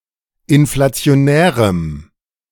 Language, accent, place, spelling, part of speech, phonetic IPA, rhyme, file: German, Germany, Berlin, inflationärem, adjective, [ɪnflat͡si̯oˈnɛːʁəm], -ɛːʁəm, De-inflationärem.ogg
- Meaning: strong dative masculine/neuter singular of inflationär